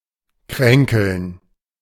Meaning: to be sickly; to be frequently or permanently slightly ill
- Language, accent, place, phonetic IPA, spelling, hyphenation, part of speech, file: German, Germany, Berlin, [ˈkʁɛŋkl̩n], kränkeln, krän‧keln, verb, De-kränkeln.ogg